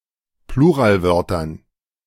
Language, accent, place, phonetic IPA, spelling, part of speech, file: German, Germany, Berlin, [ˈpluːʁaːlˌvœʁtɐn], Pluralwörtern, noun, De-Pluralwörtern.ogg
- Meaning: dative plural of Pluralwort